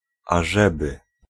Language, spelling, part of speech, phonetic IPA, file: Polish, ażeby, conjunction / interjection, [aˈʒɛbɨ], Pl-ażeby.ogg